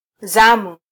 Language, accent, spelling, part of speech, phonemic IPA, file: Swahili, Kenya, zamu, noun, /ˈzɑ.mu/, Sw-ke-zamu.flac
- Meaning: 1. turn (one's chance to use or do something, as in a game) 2. duty, responsibility